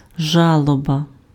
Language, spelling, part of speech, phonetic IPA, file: Ukrainian, жалоба, noun, [ˈʒaɫɔbɐ], Uk-жалоба.ogg
- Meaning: 1. mourning 2. complaint